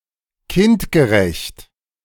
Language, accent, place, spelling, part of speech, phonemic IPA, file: German, Germany, Berlin, kindgerecht, adjective, /ˈkɪntɡəˌʁɛçt/, De-kindgerecht.ogg
- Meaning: child-friendly (suitable for children)